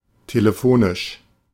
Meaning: telephonic, by using a telephone
- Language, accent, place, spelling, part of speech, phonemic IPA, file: German, Germany, Berlin, telefonisch, adjective, /teləˈfoːnɪʃ/, De-telefonisch.ogg